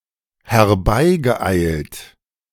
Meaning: past participle of herbeieilen
- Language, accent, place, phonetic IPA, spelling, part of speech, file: German, Germany, Berlin, [hɛɐ̯ˈbaɪ̯ɡəˌʔaɪ̯lt], herbeigeeilt, verb, De-herbeigeeilt.ogg